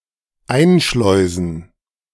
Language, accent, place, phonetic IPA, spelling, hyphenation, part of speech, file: German, Germany, Berlin, [ˈaɪ̯nˌʃlɔɪ̯zn̩], einschleusen, ein‧schleu‧sen, verb, De-einschleusen.ogg
- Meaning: 1. to make something go through a sluice 2. to smuggle in